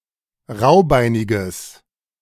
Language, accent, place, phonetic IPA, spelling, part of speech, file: German, Germany, Berlin, [ˈʁaʊ̯ˌbaɪ̯nɪɡəs], raubeiniges, adjective, De-raubeiniges.ogg
- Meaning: strong/mixed nominative/accusative neuter singular of raubeinig